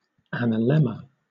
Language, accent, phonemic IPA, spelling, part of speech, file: English, Southern England, /ˌæn.əˈlɛm.ə/, analemma, noun, LL-Q1860 (eng)-analemma.wav
- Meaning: A figure-eight curve that results when the Sun's position in the sky is plotted out over the year at the same hour of mean solar time every day